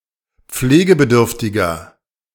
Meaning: 1. comparative degree of pflegebedürftig 2. inflection of pflegebedürftig: strong/mixed nominative masculine singular 3. inflection of pflegebedürftig: strong genitive/dative feminine singular
- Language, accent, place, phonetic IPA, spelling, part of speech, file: German, Germany, Berlin, [ˈp͡fleːɡəbəˌdʏʁftɪɡɐ], pflegebedürftiger, adjective, De-pflegebedürftiger.ogg